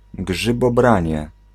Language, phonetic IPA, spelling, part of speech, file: Polish, [ˌɡʒɨbɔˈbrãɲɛ], grzybobranie, noun, Pl-grzybobranie.ogg